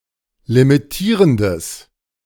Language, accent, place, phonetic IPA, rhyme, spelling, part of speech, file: German, Germany, Berlin, [limiˈtiːʁəndəs], -iːʁəndəs, limitierendes, adjective, De-limitierendes.ogg
- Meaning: strong/mixed nominative/accusative neuter singular of limitierend